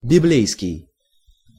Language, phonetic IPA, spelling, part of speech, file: Russian, [bʲɪˈblʲejskʲɪj], библейский, adjective, Ru-библейский.ogg
- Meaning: biblical